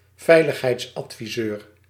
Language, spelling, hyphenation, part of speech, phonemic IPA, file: Dutch, veiligheidsadviseur, vei‧lig‧heids‧ad‧vi‧seur, noun, /ˈvɛi̯.ləx.ɦɛi̯ts.ɑt.fiˌzøːr/, Nl-veiligheidsadviseur.ogg
- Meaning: safety advisor, security advisor